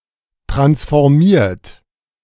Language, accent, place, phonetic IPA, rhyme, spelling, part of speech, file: German, Germany, Berlin, [ˌtʁansfɔʁˈmiːɐ̯t], -iːɐ̯t, transformiert, verb, De-transformiert.ogg
- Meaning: 1. past participle of transformieren 2. inflection of transformieren: third-person singular present 3. inflection of transformieren: second-person plural present